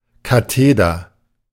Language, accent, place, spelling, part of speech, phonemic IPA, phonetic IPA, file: German, Germany, Berlin, Katheder, noun, /kaˈteːdər/, [kaˈteːdɐ], De-Katheder.ogg
- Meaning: teacher's desk